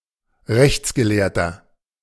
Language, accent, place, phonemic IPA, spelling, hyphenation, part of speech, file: German, Germany, Berlin, /ˈʁɛçt͡sɡəˌleːɐ̯tɐ/, Rechtsgelehrter, Rechts‧ge‧lehr‧ter, noun, De-Rechtsgelehrter.ogg
- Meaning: 1. legal scholar (male or of unspecified gender) 2. inflection of Rechtsgelehrte: strong genitive/dative singular 3. inflection of Rechtsgelehrte: strong genitive plural